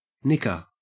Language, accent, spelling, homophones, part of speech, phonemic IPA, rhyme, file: English, Australia, nicker, knicker, noun / verb, /ˈnɪkə(ɹ)/, -ɪkə(ɹ), En-au-nicker.ogg
- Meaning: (noun) 1. Pound sterling 2. A soft neighing sound characteristic of a horse 3. A snigger or suppressed laugh; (verb) To make a soft neighing sound characteristic of a horse